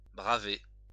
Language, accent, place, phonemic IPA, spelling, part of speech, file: French, France, Lyon, /bʁa.ve/, braver, verb, LL-Q150 (fra)-braver.wav
- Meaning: 1. to challenge, defy 2. to brave 3. to flout, pay no heed to (someone's opinion, hostility, etc.)